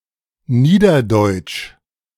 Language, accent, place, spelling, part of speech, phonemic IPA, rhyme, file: German, Germany, Berlin, Niederdeutsch, proper noun, /ˈniːdɐdɔɪ̯t͡ʃ/, -ɔɪ̯t͡ʃ, De-Niederdeutsch.ogg
- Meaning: Low German (West Germanic languages that did not undergo the High German consonant shift)